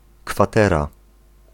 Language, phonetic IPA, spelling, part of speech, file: Polish, [kfaˈtɛra], kwatera, noun, Pl-kwatera.ogg